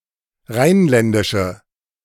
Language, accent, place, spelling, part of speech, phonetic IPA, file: German, Germany, Berlin, rheinländische, adjective, [ˈʁaɪ̯nˌlɛndɪʃə], De-rheinländische.ogg
- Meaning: inflection of rheinländisch: 1. strong/mixed nominative/accusative feminine singular 2. strong nominative/accusative plural 3. weak nominative all-gender singular